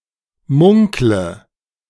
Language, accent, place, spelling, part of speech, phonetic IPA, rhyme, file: German, Germany, Berlin, munkle, verb, [ˈmʊŋklə], -ʊŋklə, De-munkle.ogg
- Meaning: inflection of munkeln: 1. first-person singular present 2. first/third-person singular subjunctive I 3. singular imperative